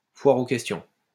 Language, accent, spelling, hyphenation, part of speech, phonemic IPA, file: French, France, foire aux questions, foi‧re aux ques‧tions, noun, /fwa.ʁ‿o kɛs.tjɔ̃/, LL-Q150 (fra)-foire aux questions.wav
- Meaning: frequently asked questions (webpage containing questions and answers about the website)